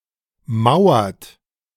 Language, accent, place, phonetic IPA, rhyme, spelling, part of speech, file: German, Germany, Berlin, [ˈmaʊ̯ɐt], -aʊ̯ɐt, mauert, verb, De-mauert.ogg
- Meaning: inflection of mauern: 1. second-person plural present 2. third-person singular present 3. plural imperative